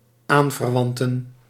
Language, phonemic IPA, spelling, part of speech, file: Dutch, /ˈaɱvərˌwɑntə(n)/, aanverwanten, noun, Nl-aanverwanten.ogg
- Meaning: plural of aanverwant